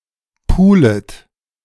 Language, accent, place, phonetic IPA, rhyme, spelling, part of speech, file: German, Germany, Berlin, [ˈpuːlət], -uːlət, pulet, verb, De-pulet.ogg
- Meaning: second-person plural subjunctive I of pulen